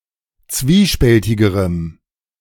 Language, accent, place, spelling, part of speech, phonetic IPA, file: German, Germany, Berlin, zwiespältigerem, adjective, [ˈt͡sviːˌʃpɛltɪɡəʁəm], De-zwiespältigerem.ogg
- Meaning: strong dative masculine/neuter singular comparative degree of zwiespältig